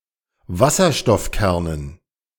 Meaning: dative plural of Wasserstoffkern
- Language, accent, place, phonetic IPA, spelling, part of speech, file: German, Germany, Berlin, [ˈvasɐʃtɔfˌkɛʁnən], Wasserstoffkernen, noun, De-Wasserstoffkernen.ogg